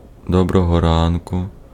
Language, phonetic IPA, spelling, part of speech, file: Ukrainian, [ˈdɔbrɔɦɔ ˈrankʊ], доброго ранку, interjection, Uk-доброго ранку.ogg
- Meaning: good morning